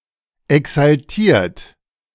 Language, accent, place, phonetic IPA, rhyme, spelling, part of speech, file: German, Germany, Berlin, [ɛksalˈtiːɐ̯t], -iːɐ̯t, exaltiert, adjective / verb, De-exaltiert.ogg
- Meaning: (verb) past participle of exaltieren; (adjective) 1. agitated 2. eccentric